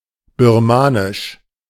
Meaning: Burmese (language)
- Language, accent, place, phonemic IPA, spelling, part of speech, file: German, Germany, Berlin, /bɪʁˈmaːnɪʃ/, Birmanisch, proper noun, De-Birmanisch.ogg